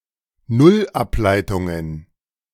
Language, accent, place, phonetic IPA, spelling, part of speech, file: German, Germany, Berlin, [ˈnʊlˌʔaplaɪ̯tʊŋən], Nullableitungen, noun, De-Nullableitungen.ogg
- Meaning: plural of Nullableitung